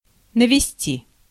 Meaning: 1. to direct (at), to aim (at), to point (at) 2. to cover, to coat, to apply 3. to introduce, bring, produce, make, cause 4. second-person singular imperative perfective of навести́ть (navestítʹ)
- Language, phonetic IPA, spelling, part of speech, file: Russian, [nəvʲɪˈsʲtʲi], навести, verb, Ru-навести.ogg